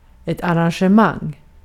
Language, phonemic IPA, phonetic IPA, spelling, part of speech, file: Swedish, /a.ran.ɧe.ˈmaŋ/, [ɑ.rɑŋ.ɧɛ.ˈmɑŋ], arrangemang, noun, Sv-arrangemang.ogg
- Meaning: 1. a (festive) arranged social event or function (social occasion) 2. an arrangement